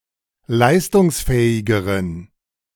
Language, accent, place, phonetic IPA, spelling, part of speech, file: German, Germany, Berlin, [ˈlaɪ̯stʊŋsˌfɛːɪɡəʁən], leistungsfähigeren, adjective, De-leistungsfähigeren.ogg
- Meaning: inflection of leistungsfähig: 1. strong genitive masculine/neuter singular comparative degree 2. weak/mixed genitive/dative all-gender singular comparative degree